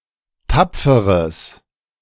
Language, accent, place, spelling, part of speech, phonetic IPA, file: German, Germany, Berlin, tapferes, adjective, [ˈtap͡fəʁəs], De-tapferes.ogg
- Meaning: strong/mixed nominative/accusative neuter singular of tapfer